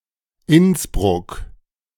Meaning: Innsbruck (a city in Austria)
- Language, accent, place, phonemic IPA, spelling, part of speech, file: German, Germany, Berlin, /ˈɪnsbʁʊk/, Innsbruck, proper noun, De-Innsbruck.ogg